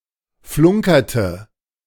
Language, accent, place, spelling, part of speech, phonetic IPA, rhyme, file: German, Germany, Berlin, flunkerte, verb, [ˈflʊŋkɐtə], -ʊŋkɐtə, De-flunkerte.ogg
- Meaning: inflection of flunkern: 1. first/third-person singular preterite 2. first/third-person singular subjunctive II